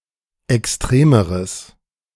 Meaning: strong/mixed nominative/accusative neuter singular comparative degree of extrem
- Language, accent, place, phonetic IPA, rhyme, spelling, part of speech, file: German, Germany, Berlin, [ɛksˈtʁeːməʁəs], -eːməʁəs, extremeres, adjective, De-extremeres.ogg